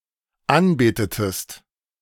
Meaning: inflection of anbeten: 1. second-person singular dependent preterite 2. second-person singular dependent subjunctive II
- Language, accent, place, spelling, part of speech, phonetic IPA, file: German, Germany, Berlin, anbetetest, verb, [ˈanˌbeːtətəst], De-anbetetest.ogg